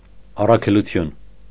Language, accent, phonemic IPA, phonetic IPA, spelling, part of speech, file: Armenian, Eastern Armenian, /ɑrɑkʰeluˈtʰjun/, [ɑrɑkʰelut͡sʰjún], առաքելություն, noun, Hy-առաքելություն.ogg
- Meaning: mission